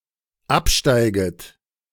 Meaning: second-person plural dependent subjunctive I of absteigen
- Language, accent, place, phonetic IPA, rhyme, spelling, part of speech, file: German, Germany, Berlin, [ˈapˌʃtaɪ̯ɡət], -apʃtaɪ̯ɡət, absteiget, verb, De-absteiget.ogg